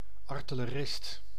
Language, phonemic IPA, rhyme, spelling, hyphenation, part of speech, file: Dutch, /ˌɑr.tɪ.ləˈrɪst/, -ɪst, artillerist, ar‧til‧le‧rist, noun, Nl-artillerist.ogg
- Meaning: artillerist